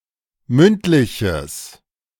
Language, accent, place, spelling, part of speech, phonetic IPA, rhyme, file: German, Germany, Berlin, mündliches, adjective, [ˈmʏntˌlɪçəs], -ʏntlɪçəs, De-mündliches.ogg
- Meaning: strong/mixed nominative/accusative neuter singular of mündlich